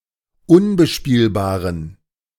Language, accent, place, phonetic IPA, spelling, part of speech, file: German, Germany, Berlin, [ˈʊnbəˌʃpiːlbaːʁən], unbespielbaren, adjective, De-unbespielbaren.ogg
- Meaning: inflection of unbespielbar: 1. strong genitive masculine/neuter singular 2. weak/mixed genitive/dative all-gender singular 3. strong/weak/mixed accusative masculine singular 4. strong dative plural